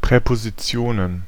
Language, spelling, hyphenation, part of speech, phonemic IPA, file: German, Präpositionen, Prä‧po‧si‧ti‧o‧nen, noun, /pʁɛpoziˈtsi̯oːnən/, De-Präpositionen.ogg
- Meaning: plural of Präposition